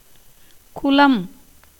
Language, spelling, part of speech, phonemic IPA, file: Tamil, குலம், noun, /kʊlɐm/, Ta-குலம்.ogg
- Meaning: 1. race, clan, tribe 2. class, group, division, kind, genus, species, sort 3. society, company, community 4. pack, herd 5. comrades, associates; brotherhood, fellowship